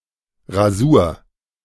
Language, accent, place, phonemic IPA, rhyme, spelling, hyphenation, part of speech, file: German, Germany, Berlin, /ʁaˈzuːɐ̯/, -uːɐ̯, Rasur, Ra‧sur, noun, De-Rasur.ogg
- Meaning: 1. the act of shaving 2. the result of the act of shaving